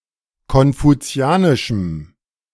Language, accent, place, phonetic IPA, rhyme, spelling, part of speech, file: German, Germany, Berlin, [kɔnfuˈt͡si̯aːnɪʃm̩], -aːnɪʃm̩, konfuzianischem, adjective, De-konfuzianischem.ogg
- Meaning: strong dative masculine/neuter singular of konfuzianisch